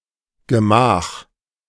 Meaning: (adverb) slowly, without hurry; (interjection) slowly!, easy!
- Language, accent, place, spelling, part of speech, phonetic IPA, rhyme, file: German, Germany, Berlin, gemach, adverb, [ɡəˈmaːx], -aːx, De-gemach.ogg